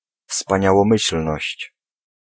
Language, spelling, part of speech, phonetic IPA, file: Polish, wspaniałomyślność, noun, [ˌfspãɲawɔ̃ˈmɨɕl̥nɔɕt͡ɕ], Pl-wspaniałomyślność.ogg